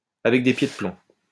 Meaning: reluctantly
- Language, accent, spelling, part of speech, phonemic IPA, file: French, France, avec des pieds de plomb, adverb, /a.vɛk de pje də plɔ̃/, LL-Q150 (fra)-avec des pieds de plomb.wav